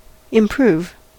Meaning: 1. To make (something) better; to increase the value or productivity (of something) 2. To become better 3. To use or employ to good purpose; to turn to profitable account
- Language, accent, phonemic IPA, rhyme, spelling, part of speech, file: English, US, /ɪmˈpɹuːv/, -uːv, improve, verb, En-us-improve.ogg